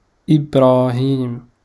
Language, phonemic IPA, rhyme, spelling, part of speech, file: Arabic, /ʔib.raː.hiːm/, -iːm, إبراهيم, proper noun, Ar-إبراهيم.ogg